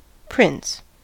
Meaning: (noun) 1. A (male) ruler, a sovereign; a king, monarch 2. A female monarch 3. Someone who is preeminent in their field; a great person 4. The (male) ruler or head of a principality
- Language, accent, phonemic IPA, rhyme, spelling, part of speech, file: English, US, /pɹɪns/, -ɪns, prince, noun / verb, En-us-prince.ogg